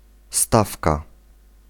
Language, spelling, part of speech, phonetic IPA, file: Polish, stawka, noun, [ˈstafka], Pl-stawka.ogg